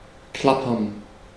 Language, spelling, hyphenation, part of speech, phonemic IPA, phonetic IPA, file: German, klappern, klap‧pern, verb, /ˈklapɐn/, [ˈklapɐn], De-klappern.ogg
- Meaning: to clatter (make a rattling or clapping sound)